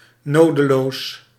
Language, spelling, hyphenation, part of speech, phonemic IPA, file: Dutch, nodeloos, no‧de‧loos, adjective, /ˈnoː.dəˌloːs/, Nl-nodeloos.ogg
- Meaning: needless, unnecessary